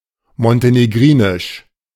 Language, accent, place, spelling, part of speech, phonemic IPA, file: German, Germany, Berlin, montenegrinisch, adjective, /mɔnteneˈɡʁiːnɪʃ/, De-montenegrinisch.ogg
- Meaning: of Montenegro; Montenegrin